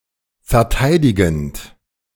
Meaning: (verb) present participle of verteidigen; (adjective) defending
- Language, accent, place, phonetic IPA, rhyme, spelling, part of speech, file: German, Germany, Berlin, [fɛɐ̯ˈtaɪ̯dɪɡn̩t], -aɪ̯dɪɡn̩t, verteidigend, verb, De-verteidigend.ogg